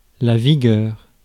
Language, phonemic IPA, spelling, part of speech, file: French, /vi.ɡœʁ/, vigueur, noun, Fr-vigueur.ogg
- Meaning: vigour